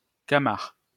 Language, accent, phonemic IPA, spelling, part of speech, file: French, France, /ka.maʁ/, camard, adjective / noun, LL-Q150 (fra)-camard.wav
- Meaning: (adjective) pug-nosed, flat-nosed; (noun) flat-nosed person